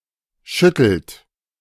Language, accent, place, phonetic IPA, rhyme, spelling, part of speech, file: German, Germany, Berlin, [ˈʃʏtl̩t], -ʏtl̩t, schüttelt, verb, De-schüttelt.ogg
- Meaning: inflection of schütteln: 1. third-person singular present 2. second-person plural present 3. plural imperative